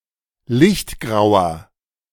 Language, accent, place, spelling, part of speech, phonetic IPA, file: German, Germany, Berlin, lichtgrauer, adjective, [ˈlɪçtˌɡʁaʊ̯ɐ], De-lichtgrauer.ogg
- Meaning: inflection of lichtgrau: 1. strong/mixed nominative masculine singular 2. strong genitive/dative feminine singular 3. strong genitive plural